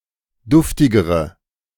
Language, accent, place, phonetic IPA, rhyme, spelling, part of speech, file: German, Germany, Berlin, [ˈdʊftɪɡəʁə], -ʊftɪɡəʁə, duftigere, adjective, De-duftigere.ogg
- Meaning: inflection of duftig: 1. strong/mixed nominative/accusative feminine singular comparative degree 2. strong nominative/accusative plural comparative degree